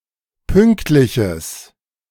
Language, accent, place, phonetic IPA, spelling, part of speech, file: German, Germany, Berlin, [ˈpʏŋktlɪçəs], pünktliches, adjective, De-pünktliches.ogg
- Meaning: strong/mixed nominative/accusative neuter singular of pünktlich